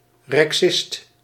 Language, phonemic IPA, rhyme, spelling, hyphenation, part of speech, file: Dutch, /rɛkˈsɪst/, -ɪst, rexist, rexist, noun, Nl-rexist.ogg
- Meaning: Rexist